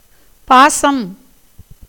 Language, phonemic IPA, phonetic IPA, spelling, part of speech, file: Tamil, /pɑːtʃɐm/, [päːsɐm], பாசம், noun, Ta-பாசம்.ogg
- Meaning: 1. affection, love, attachment 2. noose, cord, tie 3. noose, cord, tie: the ones carried by Shiva, Brahma, Yama and Varuna 4. bond, attachment, fetter 5. moss, duckweed